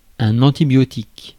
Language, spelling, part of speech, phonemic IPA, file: French, antibiotique, noun / adjective, /ɑ̃.ti.bjɔ.tik/, Fr-antibiotique.ogg
- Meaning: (noun) antibiotic